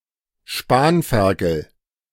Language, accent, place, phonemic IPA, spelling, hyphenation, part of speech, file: German, Germany, Berlin, /ˈʃpaːnfɛʁkəl/, Spanferkel, Span‧fer‧kel, noun, De-Spanferkel.ogg
- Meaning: suckling pig